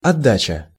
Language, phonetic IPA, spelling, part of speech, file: Russian, [ɐˈdːat͡ɕə], отдача, noun, Ru-отдача.ogg
- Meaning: 1. return 2. recoil, kick 3. efficiency, output 4. dropping, casting